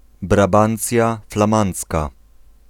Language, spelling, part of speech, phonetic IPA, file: Polish, Brabancja Flamandzka, proper noun, [braˈbãnt͡sʲja flãˈmãnt͡ska], Pl-Brabancja Flamandzka.ogg